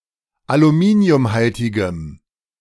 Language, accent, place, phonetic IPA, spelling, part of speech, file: German, Germany, Berlin, [aluˈmiːni̯ʊmˌhaltɪɡəm], aluminiumhaltigem, adjective, De-aluminiumhaltigem.ogg
- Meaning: strong dative masculine/neuter singular of aluminiumhaltig